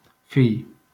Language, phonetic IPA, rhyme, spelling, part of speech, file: Catalan, [ˈfiʎ], -iʎ, fill, noun, LL-Q7026 (cat)-fill.wav
- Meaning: son